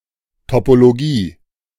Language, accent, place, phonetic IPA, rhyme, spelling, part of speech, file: German, Germany, Berlin, [topoloˈɡiː], -iː, Topologie, noun, De-Topologie.ogg
- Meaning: topology